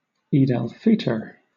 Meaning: The religious festival at the end of Ramadan, on the first day of the tenth month of the Muslim lunar calendar
- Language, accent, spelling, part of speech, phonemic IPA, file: English, Southern England, Eid al-Fitr, proper noun, /ˌiːd æl ˈfiː.təɹ/, LL-Q1860 (eng)-Eid al-Fitr.wav